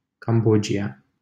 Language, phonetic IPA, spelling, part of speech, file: Romanian, [kamˈbo.d͡ʒi.a], Cambodgia, proper noun, LL-Q7913 (ron)-Cambodgia.wav
- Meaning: Cambodia (a country in Southeast Asia)